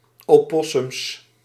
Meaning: plural of opossum
- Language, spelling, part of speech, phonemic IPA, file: Dutch, opossums, noun, /oˈpɔsʏms/, Nl-opossums.ogg